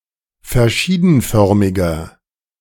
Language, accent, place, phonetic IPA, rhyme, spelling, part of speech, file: German, Germany, Berlin, [fɛɐ̯ˈʃiːdn̩ˌfœʁmɪɡɐ], -iːdn̩fœʁmɪɡɐ, verschiedenförmiger, adjective, De-verschiedenförmiger.ogg
- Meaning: 1. comparative degree of verschiedenförmig 2. inflection of verschiedenförmig: strong/mixed nominative masculine singular 3. inflection of verschiedenförmig: strong genitive/dative feminine singular